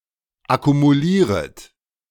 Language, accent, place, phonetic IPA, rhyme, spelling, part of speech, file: German, Germany, Berlin, [akumuˈliːʁət], -iːʁət, akkumulieret, verb, De-akkumulieret.ogg
- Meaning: second-person plural subjunctive I of akkumulieren